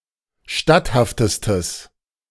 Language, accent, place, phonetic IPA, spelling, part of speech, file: German, Germany, Berlin, [ˈʃtathaftəstəs], statthaftestes, adjective, De-statthaftestes.ogg
- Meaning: strong/mixed nominative/accusative neuter singular superlative degree of statthaft